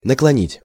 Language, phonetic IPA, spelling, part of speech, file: Russian, [nəkɫɐˈnʲitʲ], наклонить, verb, Ru-наклонить.ogg
- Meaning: 1. to tilt, to bend 2. to bow, to stoop